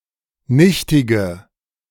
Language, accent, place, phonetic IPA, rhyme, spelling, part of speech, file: German, Germany, Berlin, [ˈnɪçtɪɡə], -ɪçtɪɡə, nichtige, adjective, De-nichtige.ogg
- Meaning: inflection of nichtig: 1. strong/mixed nominative/accusative feminine singular 2. strong nominative/accusative plural 3. weak nominative all-gender singular 4. weak accusative feminine/neuter singular